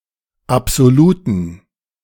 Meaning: inflection of absolut: 1. strong genitive masculine/neuter singular 2. weak/mixed genitive/dative all-gender singular 3. strong/weak/mixed accusative masculine singular 4. strong dative plural
- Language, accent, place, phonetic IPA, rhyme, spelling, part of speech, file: German, Germany, Berlin, [apz̥oˈluːtn̩], -uːtn̩, absoluten, adjective, De-absoluten.ogg